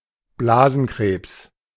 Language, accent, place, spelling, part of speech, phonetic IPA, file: German, Germany, Berlin, Blasenkrebs, noun, [ˈblaːzn̩ˌkʁeːps], De-Blasenkrebs.ogg
- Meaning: bladder cancer